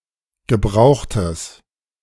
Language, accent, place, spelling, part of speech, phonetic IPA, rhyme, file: German, Germany, Berlin, gebrauchtes, adjective, [ɡəˈbʁaʊ̯xtəs], -aʊ̯xtəs, De-gebrauchtes.ogg
- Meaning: strong/mixed nominative/accusative neuter singular of gebraucht